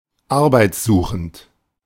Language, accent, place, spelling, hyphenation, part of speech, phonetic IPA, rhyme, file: German, Germany, Berlin, arbeitssuchend, ar‧beits‧su‧chend, adjective, [ˈaʁbaɪ̯t͡sˌzuːxn̩t], -uːxn̩t, De-arbeitssuchend.ogg
- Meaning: seeking work (though unemployed)